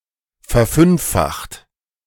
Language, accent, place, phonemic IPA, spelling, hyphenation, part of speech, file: German, Germany, Berlin, /fɛɐ̯ˈfʏnfˌfaxt/, verfünffacht, ver‧fünf‧facht, verb, De-verfünffacht.ogg
- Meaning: 1. past participle of verfünffachen 2. inflection of verfünffachen: second-person plural present 3. inflection of verfünffachen: third-person singular present